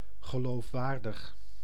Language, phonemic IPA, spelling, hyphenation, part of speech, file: Dutch, /ɣəˌloːfˈʋaːr.dəx/, geloofwaardig, ge‧loof‧waar‧dig, adjective, Nl-geloofwaardig.ogg
- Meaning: credible